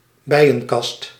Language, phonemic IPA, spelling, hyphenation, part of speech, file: Dutch, /ˈbɛi̯.ə(n)ˌkɑst/, bijenkast, bij‧en‧kast, noun, Nl-bijenkast.ogg
- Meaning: a modern-style boxlike beehive